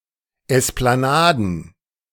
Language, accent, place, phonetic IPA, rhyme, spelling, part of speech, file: German, Germany, Berlin, [ˌɛsplaˈnaːdn̩], -aːdn̩, Esplanaden, noun, De-Esplanaden.ogg
- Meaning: plural of Esplanade